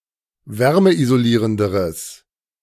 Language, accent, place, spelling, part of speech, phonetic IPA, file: German, Germany, Berlin, wärmeisolierenderes, adjective, [ˈvɛʁməʔizoˌliːʁəndəʁəs], De-wärmeisolierenderes.ogg
- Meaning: strong/mixed nominative/accusative neuter singular comparative degree of wärmeisolierend